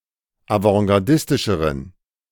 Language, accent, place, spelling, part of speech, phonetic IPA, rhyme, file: German, Germany, Berlin, avantgardistischeren, adjective, [avɑ̃ɡaʁˈdɪstɪʃəʁən], -ɪstɪʃəʁən, De-avantgardistischeren.ogg
- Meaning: inflection of avantgardistisch: 1. strong genitive masculine/neuter singular comparative degree 2. weak/mixed genitive/dative all-gender singular comparative degree